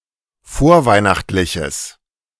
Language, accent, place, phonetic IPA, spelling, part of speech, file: German, Germany, Berlin, [ˈfoːɐ̯ˌvaɪ̯naxtlɪçəs], vorweihnachtliches, adjective, De-vorweihnachtliches.ogg
- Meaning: strong/mixed nominative/accusative neuter singular of vorweihnachtlich